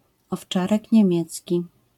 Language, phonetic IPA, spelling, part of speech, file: Polish, [ɔfˈt͡ʃarɛc ɲɛ̃ˈmʲjɛt͡sʲci], owczarek niemiecki, noun, LL-Q809 (pol)-owczarek niemiecki.wav